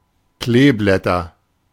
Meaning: nominative/accusative/genitive plural of Kleeblatt
- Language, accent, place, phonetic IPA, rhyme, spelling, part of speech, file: German, Germany, Berlin, [ˈkleːˌblɛtɐ], -eːblɛtɐ, Kleeblätter, noun, De-Kleeblätter.ogg